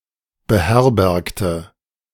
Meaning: inflection of beherbergen: 1. first/third-person singular preterite 2. first/third-person singular subjunctive II
- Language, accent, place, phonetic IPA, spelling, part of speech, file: German, Germany, Berlin, [bəˈhɛʁbɛʁktə], beherbergte, adjective / verb, De-beherbergte.ogg